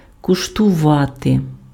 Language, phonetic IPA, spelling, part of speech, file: Ukrainian, [kʊʃtʊˈʋate], куштувати, verb, Uk-куштувати.ogg
- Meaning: to taste, to try (to sample the flavor of something orally)